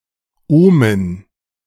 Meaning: dative plural of Ohm
- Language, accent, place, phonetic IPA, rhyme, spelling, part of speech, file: German, Germany, Berlin, [ˈoːmən], -oːmən, Ohmen, noun, De-Ohmen.ogg